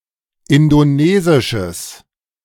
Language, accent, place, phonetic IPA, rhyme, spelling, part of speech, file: German, Germany, Berlin, [ˌɪndoˈneːzɪʃəs], -eːzɪʃəs, indonesisches, adjective, De-indonesisches.ogg
- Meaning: strong/mixed nominative/accusative neuter singular of indonesisch